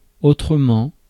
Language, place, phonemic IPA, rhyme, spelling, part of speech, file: French, Paris, /o.tʁə.mɑ̃/, -ɑ̃, autrement, adverb / conjunction, Fr-autrement.ogg
- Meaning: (adverb) differently, in another way or manner; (conjunction) otherwise, or else